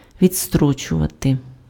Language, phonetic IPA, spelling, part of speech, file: Ukrainian, [ʋʲid͡zˈstrɔt͡ʃʊʋɐte], відстрочувати, verb, Uk-відстрочувати.ogg
- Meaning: to postpone, to put off, to delay, to defer, to adjourn